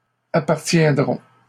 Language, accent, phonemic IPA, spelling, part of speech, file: French, Canada, /a.paʁ.tjɛ̃.dʁɔ̃/, appartiendrons, verb, LL-Q150 (fra)-appartiendrons.wav
- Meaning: first-person plural future of appartenir